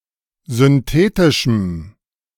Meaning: strong dative masculine/neuter singular of synthetisch
- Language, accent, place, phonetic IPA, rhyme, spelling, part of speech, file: German, Germany, Berlin, [zʏnˈteːtɪʃm̩], -eːtɪʃm̩, synthetischem, adjective, De-synthetischem.ogg